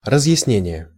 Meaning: clarification, explanation, elucidation, interpretation
- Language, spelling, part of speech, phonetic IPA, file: Russian, разъяснение, noun, [rəzjɪsˈnʲenʲɪje], Ru-разъяснение.ogg